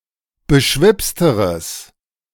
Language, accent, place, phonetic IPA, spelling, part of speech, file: German, Germany, Berlin, [bəˈʃvɪpstəʁəs], beschwipsteres, adjective, De-beschwipsteres.ogg
- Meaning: strong/mixed nominative/accusative neuter singular comparative degree of beschwipst